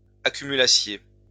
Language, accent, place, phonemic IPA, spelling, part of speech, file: French, France, Lyon, /a.ky.my.la.sje/, accumulassiez, verb, LL-Q150 (fra)-accumulassiez.wav
- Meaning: second-person plural imperfect subjunctive of accumuler